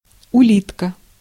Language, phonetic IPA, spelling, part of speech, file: Russian, [ʊˈlʲitkə], улитка, noun, Ru-улитка.ogg
- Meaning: 1. snail 2. cochlea